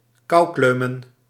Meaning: plural of koukleum
- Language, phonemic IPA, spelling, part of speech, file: Dutch, /ˈkɑuklømə(n)/, koukleumen, verb / noun, Nl-koukleumen.ogg